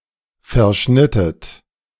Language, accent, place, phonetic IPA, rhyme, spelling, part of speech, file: German, Germany, Berlin, [fɛɐ̯ˈʃnɪtət], -ɪtət, verschnittet, verb, De-verschnittet.ogg
- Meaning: inflection of verschneiden: 1. second-person plural preterite 2. second-person plural subjunctive II